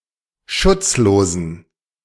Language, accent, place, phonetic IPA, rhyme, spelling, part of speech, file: German, Germany, Berlin, [ˈʃʊt͡sˌloːzn̩], -ʊt͡sloːzn̩, schutzlosen, adjective, De-schutzlosen.ogg
- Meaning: inflection of schutzlos: 1. strong genitive masculine/neuter singular 2. weak/mixed genitive/dative all-gender singular 3. strong/weak/mixed accusative masculine singular 4. strong dative plural